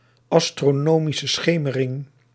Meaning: astronomical twilight
- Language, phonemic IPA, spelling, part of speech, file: Dutch, /ɑ.stroːˌnoː.mi.sə ˈsxeː.mə.rɪŋ/, astronomische schemering, noun, Nl-astronomische schemering.ogg